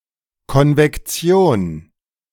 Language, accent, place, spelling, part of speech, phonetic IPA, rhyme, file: German, Germany, Berlin, Konvektion, noun, [kɔnvɛkˈt͡si̯oːn], -oːn, De-Konvektion.ogg
- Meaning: convection